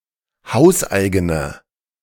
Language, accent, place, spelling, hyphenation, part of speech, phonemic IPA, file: German, Germany, Berlin, hauseigener, haus‧ei‧ge‧ner, adjective, /ˈhaʊ̯sˌʔaɪ̯ɡənɐ/, De-hauseigener.ogg
- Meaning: inflection of hauseigen: 1. strong/mixed nominative masculine singular 2. strong genitive/dative feminine singular 3. strong genitive plural